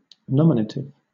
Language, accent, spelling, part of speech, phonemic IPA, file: English, Southern England, nominative, adjective / noun, /ˈnɒm(ɪ)nətɪv/, LL-Q1860 (eng)-nominative.wav
- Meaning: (adjective) 1. Giving a name; naming; designating 2. Being in that case or form of a noun which stands as the subject of a finite verb 3. Making a selection or nomination; choosing